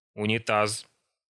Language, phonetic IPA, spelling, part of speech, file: Russian, [ʊnʲɪˈtas], унитаз, noun, Ru-унитаз.ogg
- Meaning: toilet (ceramic bowl), flush toilet, water closet